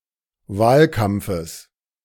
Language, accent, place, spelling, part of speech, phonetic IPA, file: German, Germany, Berlin, Wahlkampfes, noun, [ˈvaːlˌkamp͡fəs], De-Wahlkampfes.ogg
- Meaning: genitive singular of Wahlkampf